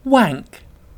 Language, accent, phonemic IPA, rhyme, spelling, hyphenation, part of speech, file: English, UK, /ˈwæŋk/, -æŋk, wank, wank, verb / noun, En-uk-wank.ogg
- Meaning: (verb) 1. To masturbate 2. To argue in an inappropriate manner or about pretentious or insubstantial matters; to engage in wank; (noun) 1. An act of masturbation 2. An undesirable person